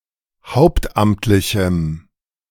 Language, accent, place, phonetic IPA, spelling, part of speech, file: German, Germany, Berlin, [ˈhaʊ̯ptˌʔamtlɪçm̩], hauptamtlichem, adjective, De-hauptamtlichem.ogg
- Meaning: strong dative masculine/neuter singular of hauptamtlich